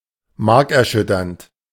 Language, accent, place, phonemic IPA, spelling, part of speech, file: German, Germany, Berlin, /ˈmaʁkɛɐ̯ˌʃʏtɐnt/, markerschütternd, adjective, De-markerschütternd.ogg
- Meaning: bloodcurdling, agonizing, excruciating, piercing